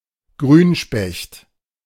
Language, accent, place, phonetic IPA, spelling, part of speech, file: German, Germany, Berlin, [ˈɡʁyːnˌʃpɛçt], Grünspecht, noun, De-Grünspecht.ogg
- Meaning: green woodpecker (Picus viridis)